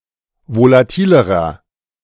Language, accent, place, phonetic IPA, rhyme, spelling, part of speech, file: German, Germany, Berlin, [volaˈtiːləʁɐ], -iːləʁɐ, volatilerer, adjective, De-volatilerer.ogg
- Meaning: inflection of volatil: 1. strong/mixed nominative masculine singular comparative degree 2. strong genitive/dative feminine singular comparative degree 3. strong genitive plural comparative degree